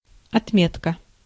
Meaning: 1. mark, tick 2. note, record 3. mark, grade 4. mark, level
- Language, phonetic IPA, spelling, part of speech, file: Russian, [ɐtˈmʲetkə], отметка, noun, Ru-отметка.ogg